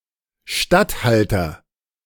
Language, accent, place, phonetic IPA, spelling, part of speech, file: German, Germany, Berlin, [ˈʃtatˌhaltɐ], Statthalter, noun, De-Statthalter.ogg
- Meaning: 1. regent, vicegerent, viceroy, governor, proconsul 2. stadtholder (chief magistrate of the Dutch Republic) 3. chief official of a region, deputy of a territorial lord; chief magistrate, mayor